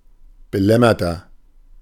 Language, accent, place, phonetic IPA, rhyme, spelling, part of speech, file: German, Germany, Berlin, [bəˈlɛmɐtɐ], -ɛmɐtɐ, belämmerter, adjective, De-belämmerter.ogg
- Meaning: 1. comparative degree of belämmert 2. inflection of belämmert: strong/mixed nominative masculine singular 3. inflection of belämmert: strong genitive/dative feminine singular